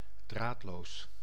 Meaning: wireless
- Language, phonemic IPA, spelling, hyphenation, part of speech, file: Dutch, /ˈdraːt.loːs/, draadloos, draad‧loos, adjective, Nl-draadloos.ogg